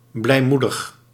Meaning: upbeat, cheerful
- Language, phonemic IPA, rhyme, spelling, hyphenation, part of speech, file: Dutch, /ˌblɛi̯ˈmu.dəx/, -udəx, blijmoedig, blij‧moe‧dig, adjective, Nl-blijmoedig.ogg